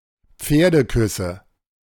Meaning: nominative/accusative/genitive plural of Pferdekuss
- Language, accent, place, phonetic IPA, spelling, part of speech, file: German, Germany, Berlin, [ˈp͡feːɐ̯dəˌkʏsə], Pferdeküsse, noun, De-Pferdeküsse.ogg